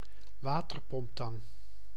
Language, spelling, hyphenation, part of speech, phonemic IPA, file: Dutch, waterpomptang, wa‧ter‧pomp‧tang, noun, /ˈʋaː.tər.pɔmpˌtɑŋ/, Nl-waterpomptang.ogg
- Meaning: adjustable pliers, Channellocks, tongue-and-groove pliers, water pump pliers, groove-joint pliers